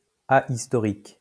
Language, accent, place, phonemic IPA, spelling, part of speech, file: French, France, Lyon, /a.is.tɔ.ʁik/, ahistorique, adjective, LL-Q150 (fra)-ahistorique.wav
- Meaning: alternative form of anhistorique